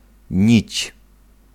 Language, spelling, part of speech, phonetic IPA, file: Polish, nić, noun, [ɲit͡ɕ], Pl-nić.ogg